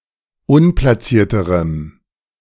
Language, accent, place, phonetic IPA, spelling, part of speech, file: German, Germany, Berlin, [ˈʊnplasiːɐ̯təʁəm], unplacierterem, adjective, De-unplacierterem.ogg
- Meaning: strong dative masculine/neuter singular comparative degree of unplaciert